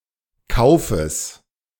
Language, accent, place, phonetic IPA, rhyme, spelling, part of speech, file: German, Germany, Berlin, [ˈkaʊ̯fəs], -aʊ̯fəs, Kaufes, noun, De-Kaufes.ogg
- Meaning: genitive of Kauf